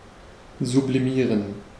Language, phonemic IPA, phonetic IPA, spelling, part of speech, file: German, /zʊpliˈmiːʁən/, [zʊpliˈmiːɐ̯n], sublimieren, verb, De-sublimieren.ogg
- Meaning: to sublimate